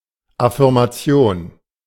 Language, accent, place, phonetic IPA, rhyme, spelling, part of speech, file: German, Germany, Berlin, [afɪʁmaˈt͡si̯oːn], -oːn, Affirmation, noun, De-Affirmation.ogg
- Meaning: affirmation